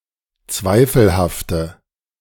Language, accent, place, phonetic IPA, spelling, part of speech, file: German, Germany, Berlin, [ˈt͡svaɪ̯fl̩haftə], zweifelhafte, adjective, De-zweifelhafte.ogg
- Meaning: inflection of zweifelhaft: 1. strong/mixed nominative/accusative feminine singular 2. strong nominative/accusative plural 3. weak nominative all-gender singular